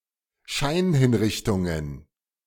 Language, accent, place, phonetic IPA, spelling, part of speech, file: German, Germany, Berlin, [ˈʃaɪ̯nhɪnˌʁɪçtʊŋən], Scheinhinrichtungen, noun, De-Scheinhinrichtungen.ogg
- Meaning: plural of Scheinhinrichtung